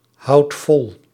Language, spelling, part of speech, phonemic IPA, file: Dutch, houdt vol, verb, /ˈhɑut ˈvɔl/, Nl-houdt vol.ogg
- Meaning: inflection of volhouden: 1. second/third-person singular present indicative 2. plural imperative